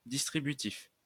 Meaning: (adjective) distributive; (noun) distributive, distributive case
- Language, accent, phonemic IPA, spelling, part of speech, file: French, France, /dis.tʁi.by.tif/, distributif, adjective / noun, LL-Q150 (fra)-distributif.wav